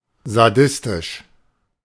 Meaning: sadistic
- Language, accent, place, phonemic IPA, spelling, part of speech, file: German, Germany, Berlin, /zaˈdɪstɪʃ/, sadistisch, adjective, De-sadistisch.ogg